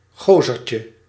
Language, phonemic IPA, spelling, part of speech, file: Dutch, /ˈɣozərcə/, gozertje, noun, Nl-gozertje.ogg
- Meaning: diminutive of gozer